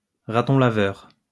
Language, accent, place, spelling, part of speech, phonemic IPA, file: French, France, Lyon, raton laveur, noun, /ʁa.tɔ̃ la.vœʁ/, LL-Q150 (fra)-raton laveur.wav
- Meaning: raccoon